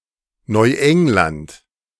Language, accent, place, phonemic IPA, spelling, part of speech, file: German, Germany, Berlin, /nɔʏˈɛŋlant/, Neuengland, proper noun, De-Neuengland.ogg
- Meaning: New England (a geographic region of the northeastern United States, consisting of Connecticut, Maine, Massachusetts, New Hampshire, Rhode Island and Vermont)